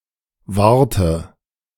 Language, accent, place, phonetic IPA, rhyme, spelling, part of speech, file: German, Germany, Berlin, [ˈvaːɐ̯tə], -aːɐ̯tə, wahrte, verb, De-wahrte.ogg
- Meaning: inflection of wahren: 1. first/third-person singular preterite 2. first/third-person singular subjunctive II